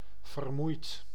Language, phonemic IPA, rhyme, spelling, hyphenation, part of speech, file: Dutch, /vərˈmui̯t/, -ui̯t, vermoeid, ver‧moeid, verb / adjective, Nl-vermoeid.ogg
- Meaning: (verb) past participle of vermoeien; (adjective) tired, exhausted